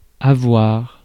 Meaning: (verb) 1. to have; to own; to possess; to get 2. to have (to experience or suffer from a state or condition) 3. to have (an age)
- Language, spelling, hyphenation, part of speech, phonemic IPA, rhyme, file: French, avoir, a‧voir, verb / noun, /a.vwaʁ/, -aʁ, Fr-avoir.ogg